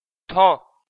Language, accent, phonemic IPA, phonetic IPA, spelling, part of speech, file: Armenian, Eastern Armenian, /tʰo/, [tʰo], թո, noun, Hy-թո.ogg
- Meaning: the name of the Armenian letter թ (tʻ)